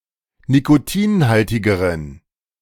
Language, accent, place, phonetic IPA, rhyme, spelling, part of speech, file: German, Germany, Berlin, [nikoˈtiːnˌhaltɪɡəʁən], -iːnhaltɪɡəʁən, nikotinhaltigeren, adjective, De-nikotinhaltigeren.ogg
- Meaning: inflection of nikotinhaltig: 1. strong genitive masculine/neuter singular comparative degree 2. weak/mixed genitive/dative all-gender singular comparative degree